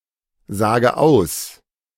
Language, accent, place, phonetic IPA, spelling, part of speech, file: German, Germany, Berlin, [ˌzaːɡə ˈaʊ̯s], sage aus, verb, De-sage aus.ogg
- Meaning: inflection of aussagen: 1. first-person singular present 2. first/third-person singular subjunctive I 3. singular imperative